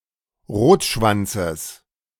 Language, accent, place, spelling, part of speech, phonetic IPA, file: German, Germany, Berlin, Rotschwanzes, noun, [ˈʁoːtˌʃvant͡səs], De-Rotschwanzes.ogg
- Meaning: genitive singular of Rotschwanz